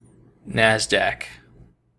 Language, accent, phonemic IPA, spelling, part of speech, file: English, US, /ˈnæzdæk/, Nasdaq, proper noun, En-us-NASDAQ.ogg
- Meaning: An American stock exchange based in New York City